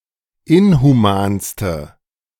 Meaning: inflection of inhuman: 1. strong/mixed nominative/accusative feminine singular superlative degree 2. strong nominative/accusative plural superlative degree
- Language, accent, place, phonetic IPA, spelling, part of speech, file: German, Germany, Berlin, [ˈɪnhuˌmaːnstə], inhumanste, adjective, De-inhumanste.ogg